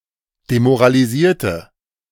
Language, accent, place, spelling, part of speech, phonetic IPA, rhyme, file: German, Germany, Berlin, demoralisierte, adjective / verb, [demoʁaliˈziːɐ̯tə], -iːɐ̯tə, De-demoralisierte.ogg
- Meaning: inflection of demoralisieren: 1. first/third-person singular preterite 2. first/third-person singular subjunctive II